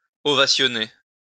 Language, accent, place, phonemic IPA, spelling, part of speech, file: French, France, Lyon, /ɔ.va.sjɔ.ne/, ovationner, verb, LL-Q150 (fra)-ovationner.wav
- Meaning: to cheer (give an ovation); to ovation